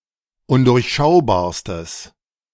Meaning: strong/mixed nominative/accusative neuter singular superlative degree of undurchschaubar
- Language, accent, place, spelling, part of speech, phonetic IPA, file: German, Germany, Berlin, undurchschaubarstes, adjective, [ˈʊndʊʁçˌʃaʊ̯baːɐ̯stəs], De-undurchschaubarstes.ogg